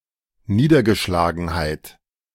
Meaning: dejection, despondency, depression, low spirits
- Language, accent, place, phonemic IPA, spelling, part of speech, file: German, Germany, Berlin, /ˈniːdəʁɡəʃlaːɡənhaɪ̯t/, Niedergeschlagenheit, noun, De-Niedergeschlagenheit.ogg